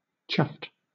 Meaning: Displeased; gruff
- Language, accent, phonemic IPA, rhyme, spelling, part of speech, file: English, Southern England, /ˈtʃʌft/, -ʌft, chuffed, adjective, LL-Q1860 (eng)-chuffed.wav